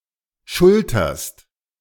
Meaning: second-person singular present of schultern
- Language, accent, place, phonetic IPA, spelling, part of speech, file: German, Germany, Berlin, [ˈʃʊltɐst], schulterst, verb, De-schulterst.ogg